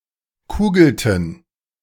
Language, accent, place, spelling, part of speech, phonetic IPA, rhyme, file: German, Germany, Berlin, kugelten, verb, [ˈkuːɡl̩tn̩], -uːɡl̩tn̩, De-kugelten.ogg
- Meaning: inflection of kugeln: 1. first/third-person plural preterite 2. first/third-person plural subjunctive II